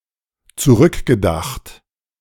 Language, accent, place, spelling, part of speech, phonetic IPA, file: German, Germany, Berlin, zurückgedacht, verb, [t͡suˈʁʏkɡəˌdaxt], De-zurückgedacht.ogg
- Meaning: past participle of zurückdenken